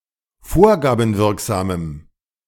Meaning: strong dative masculine/neuter singular of vorgabenwirksam
- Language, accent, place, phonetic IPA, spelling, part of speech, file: German, Germany, Berlin, [ˈfoːɐ̯ɡaːbm̩ˌvɪʁkzaːməm], vorgabenwirksamem, adjective, De-vorgabenwirksamem.ogg